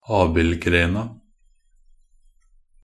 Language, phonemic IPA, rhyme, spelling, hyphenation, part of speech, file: Norwegian Bokmål, /ˈɑːbɪlɡreːna/, -eːna, abildgrena, ab‧ild‧gre‧na, noun, Nb-abildgrena.ogg
- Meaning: definite feminine singular of abildgren